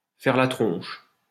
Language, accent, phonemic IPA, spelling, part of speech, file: French, France, /fɛʁ la tʁɔ̃ʃ/, faire la tronche, verb, LL-Q150 (fra)-faire la tronche.wav
- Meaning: to sulk